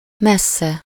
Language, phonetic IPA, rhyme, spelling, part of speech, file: Hungarian, [ˈmɛsːɛ], -sɛ, messze, adverb / adjective, Hu-messze.ogg
- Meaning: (adverb) 1. far (at a distance from something; used with -tól/-től) 2. by far; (adjective) synonym of messzi (“distant”)